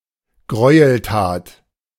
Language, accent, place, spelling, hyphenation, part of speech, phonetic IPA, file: German, Germany, Berlin, Gräueltat, Gräu‧el‧tat, noun, [ˈɡʁɔɪ̯əlˌtaːt], De-Gräueltat.ogg
- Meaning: atrocity